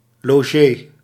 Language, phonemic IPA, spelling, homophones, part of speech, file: Dutch, /loːˈʒeː/, logé, logee, noun, Nl-logé.ogg
- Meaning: a (male) overnight guest